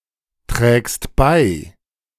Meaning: second-person singular present of beitragen
- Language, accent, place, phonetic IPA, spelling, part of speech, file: German, Germany, Berlin, [ˌtʁɛːkst ˈbaɪ̯], trägst bei, verb, De-trägst bei.ogg